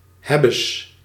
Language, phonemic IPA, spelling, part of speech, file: Dutch, /ˈhɛbəs/, hebbes, interjection, Nl-hebbes.ogg
- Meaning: gotcha (captured or apprehended)